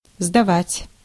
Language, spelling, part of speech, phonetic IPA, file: Russian, сдавать, verb, [zdɐˈvatʲ], Ru-сдавать.ogg
- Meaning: 1. to deliver, to hand in, to hand over 2. to return, to turn in 3. to surrender, to yield 4. to deal 5. to take/pass (an exam) 6. to be weakened, to be in a reduced state